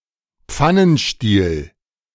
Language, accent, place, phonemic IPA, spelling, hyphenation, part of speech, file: German, Germany, Berlin, /ˈ(p)fanənˌʃtiːl/, Pfannenstiel, Pfan‧nen‧stiel, noun / proper noun, De-Pfannenstiel.ogg
- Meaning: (noun) panhandle; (proper noun) 1. a hamlet in the Bavarian municipality of Thierstein 2. a mountain near Lake Zürich in Switzerland